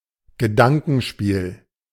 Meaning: intellectual game
- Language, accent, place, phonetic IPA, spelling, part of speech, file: German, Germany, Berlin, [ɡəˈdaŋkn̩ˌʃpiːl], Gedankenspiel, noun, De-Gedankenspiel.ogg